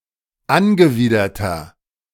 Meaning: 1. comparative degree of angewidert 2. inflection of angewidert: strong/mixed nominative masculine singular 3. inflection of angewidert: strong genitive/dative feminine singular
- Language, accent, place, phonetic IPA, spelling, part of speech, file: German, Germany, Berlin, [ˈanɡəˌviːdɐtɐ], angewiderter, adjective, De-angewiderter.ogg